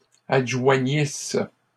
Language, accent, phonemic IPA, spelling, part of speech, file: French, Canada, /ad.ʒwa.ɲis/, adjoignisse, verb, LL-Q150 (fra)-adjoignisse.wav
- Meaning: first-person singular imperfect subjunctive of adjoindre